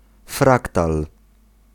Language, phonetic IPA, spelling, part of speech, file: Polish, [ˈfraktal], fraktal, noun, Pl-fraktal.ogg